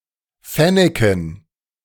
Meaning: dative plural of Fennek
- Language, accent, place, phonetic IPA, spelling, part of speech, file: German, Germany, Berlin, [ˈfɛnɛkn̩], Fenneken, noun, De-Fenneken.ogg